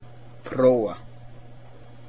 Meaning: 1. to test, to try out 2. to examine, to look at
- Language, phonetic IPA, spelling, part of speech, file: Icelandic, [ˈpʰrouː(v)a], prófa, verb, Is-prófa.ogg